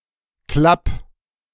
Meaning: 1. singular imperative of klappen 2. first-person singular present of klappen
- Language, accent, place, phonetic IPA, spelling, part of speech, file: German, Germany, Berlin, [klap], klapp, verb, De-klapp.ogg